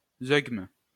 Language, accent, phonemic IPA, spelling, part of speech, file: French, France, /zøɡm/, zeugme, noun, LL-Q150 (fra)-zeugme.wav
- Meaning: alternative form of zeugma